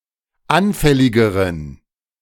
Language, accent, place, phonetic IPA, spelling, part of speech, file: German, Germany, Berlin, [ˈanfɛlɪɡəʁən], anfälligeren, adjective, De-anfälligeren.ogg
- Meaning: inflection of anfällig: 1. strong genitive masculine/neuter singular comparative degree 2. weak/mixed genitive/dative all-gender singular comparative degree